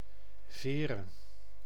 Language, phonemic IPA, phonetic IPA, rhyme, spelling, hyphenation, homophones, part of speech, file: Dutch, /ˈveː.rə/, [ˈvɪː.ʀə], -eːrə, Veere, Vee‧re, vere, proper noun, Nl-Veere.ogg
- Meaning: a city and municipality of Zeeland, Netherlands